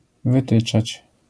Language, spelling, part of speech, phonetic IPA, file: Polish, wytyczać, verb, [vɨˈtɨt͡ʃat͡ɕ], LL-Q809 (pol)-wytyczać.wav